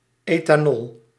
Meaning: ethanol
- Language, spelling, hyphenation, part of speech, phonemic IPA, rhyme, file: Dutch, ethanol, etha‧nol, noun, /eːtaːˈnɔl/, -ɔl, Nl-ethanol.ogg